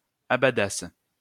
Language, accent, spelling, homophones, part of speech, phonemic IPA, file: French, France, abadasse, abadasses / abadassent, verb, /a.ba.das/, LL-Q150 (fra)-abadasse.wav
- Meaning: first-person singular imperfect subjunctive of abader